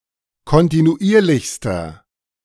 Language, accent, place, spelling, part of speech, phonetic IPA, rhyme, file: German, Germany, Berlin, kontinuierlichster, adjective, [kɔntinuˈʔiːɐ̯lɪçstɐ], -iːɐ̯lɪçstɐ, De-kontinuierlichster.ogg
- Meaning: inflection of kontinuierlich: 1. strong/mixed nominative masculine singular superlative degree 2. strong genitive/dative feminine singular superlative degree